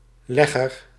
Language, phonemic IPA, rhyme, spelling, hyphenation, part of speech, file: Dutch, /ˈlɛ.ɣər/, -ɛɣər, legger, leg‧ger, noun, Nl-legger.ogg
- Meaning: 1. an animal that lays eggs, especially an egg-producing bird 2. a ledger, register (book for keeping records and/or notes)